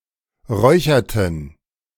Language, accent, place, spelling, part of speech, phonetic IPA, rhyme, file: German, Germany, Berlin, räucherten, verb, [ˈʁɔɪ̯çɐtn̩], -ɔɪ̯çɐtn̩, De-räucherten.ogg
- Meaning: inflection of räuchern: 1. first/third-person plural preterite 2. first/third-person plural subjunctive II